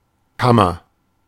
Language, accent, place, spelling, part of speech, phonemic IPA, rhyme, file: German, Germany, Berlin, Kammer, noun, /ˈkamɐ/, -amɐ, De-Kammer.ogg
- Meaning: chamber; room